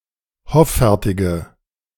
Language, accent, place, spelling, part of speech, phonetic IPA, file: German, Germany, Berlin, hoffärtige, adjective, [ˈhɔfɛʁtɪɡə], De-hoffärtige.ogg
- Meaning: inflection of hoffärtig: 1. strong/mixed nominative/accusative feminine singular 2. strong nominative/accusative plural 3. weak nominative all-gender singular